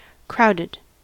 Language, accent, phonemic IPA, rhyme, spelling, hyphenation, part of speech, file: English, US, /ˈkɹaʊdɪd/, -aʊdɪd, crowded, crow‧ded, adjective / verb, En-us-crowded.ogg
- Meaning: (adjective) Containing a dense pack or mass of something; teeming; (verb) simple past and past participle of crowd